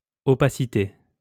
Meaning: opacity; opaqueness
- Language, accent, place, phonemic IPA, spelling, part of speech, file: French, France, Lyon, /ɔ.pa.si.te/, opacité, noun, LL-Q150 (fra)-opacité.wav